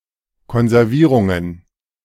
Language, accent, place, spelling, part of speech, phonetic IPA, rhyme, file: German, Germany, Berlin, Konservierungen, noun, [kɔnzɛʁˈviːʁʊŋən], -iːʁʊŋən, De-Konservierungen.ogg
- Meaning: plural of Konservierung